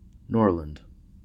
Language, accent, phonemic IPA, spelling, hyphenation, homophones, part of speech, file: English, US, /ˈnɔɹ.lənd/, Norland, Nor‧land, Norrland, proper noun / noun, En-us-Norland.ogg
- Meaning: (proper noun) 1. A village in the Metropolitan Borough of Calderdale, West Yorkshire, England (OS grid ref SE065225) 2. A community in the city of Kawartha Lakes, Ontario, Canada